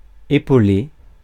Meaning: to give a hand, to help out
- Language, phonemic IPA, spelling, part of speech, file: French, /e.po.le/, épauler, verb, Fr-épauler.ogg